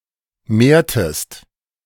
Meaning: inflection of mehren: 1. second-person singular preterite 2. second-person singular subjunctive II
- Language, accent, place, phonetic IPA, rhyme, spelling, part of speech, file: German, Germany, Berlin, [ˈmeːɐ̯təst], -eːɐ̯təst, mehrtest, verb, De-mehrtest.ogg